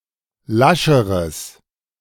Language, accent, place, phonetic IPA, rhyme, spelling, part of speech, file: German, Germany, Berlin, [ˈlaʃəʁəs], -aʃəʁəs, lascheres, adjective, De-lascheres.ogg
- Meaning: strong/mixed nominative/accusative neuter singular comparative degree of lasch